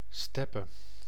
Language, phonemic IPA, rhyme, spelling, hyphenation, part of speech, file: Dutch, /ˈstɛpə/, -ɛpə, steppe, step‧pe, noun, Nl-steppe.ogg
- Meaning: steppe